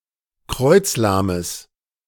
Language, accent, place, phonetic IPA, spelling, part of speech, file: German, Germany, Berlin, [ˈkʁɔɪ̯t͡sˌlaːməs], kreuzlahmes, adjective, De-kreuzlahmes.ogg
- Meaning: strong/mixed nominative/accusative neuter singular of kreuzlahm